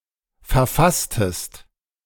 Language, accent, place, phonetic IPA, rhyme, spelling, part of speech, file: German, Germany, Berlin, [fɛɐ̯ˈfastəst], -astəst, verfasstest, verb, De-verfasstest.ogg
- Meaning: inflection of verfassen: 1. second-person singular preterite 2. second-person singular subjunctive II